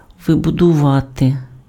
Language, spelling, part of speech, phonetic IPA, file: Ukrainian, вибудувати, verb, [ˈʋɪbʊdʊʋɐte], Uk-вибудувати.ogg
- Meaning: to build up, to erect, to construct